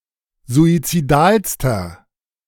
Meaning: inflection of suizidal: 1. strong/mixed nominative masculine singular superlative degree 2. strong genitive/dative feminine singular superlative degree 3. strong genitive plural superlative degree
- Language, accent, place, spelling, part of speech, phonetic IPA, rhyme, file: German, Germany, Berlin, suizidalster, adjective, [zuit͡siˈdaːlstɐ], -aːlstɐ, De-suizidalster.ogg